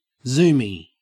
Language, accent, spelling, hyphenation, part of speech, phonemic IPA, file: English, Australia, zoomie, zoom‧ie, noun / adjective, /ˈzuːmi/, En-au-zoomie.ogg
- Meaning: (noun) A graduate of, or student at, the United States Air Force Academy, USAFA; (adjective) Attributive form of zoomies (“frenzied running in a pet”)